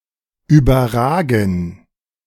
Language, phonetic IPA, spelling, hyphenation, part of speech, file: German, [ˌyːbɐˈʁaːɡn̩], überragen, über‧ra‧gen, verb, De-überragen.ogg
- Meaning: 1. to tower over 2. to outdo, outshine